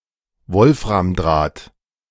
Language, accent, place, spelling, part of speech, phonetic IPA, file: German, Germany, Berlin, Wolframdraht, noun, [ˈvɔlfʁamˌdʁaːt], De-Wolframdraht.ogg
- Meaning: tungsten wire